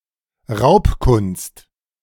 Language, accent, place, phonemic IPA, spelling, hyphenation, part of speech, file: German, Germany, Berlin, /ˈʁaʊ̯pkʊnst/, Raubkunst, Raub‧kunst, noun, De-Raubkunst.ogg
- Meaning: stolen art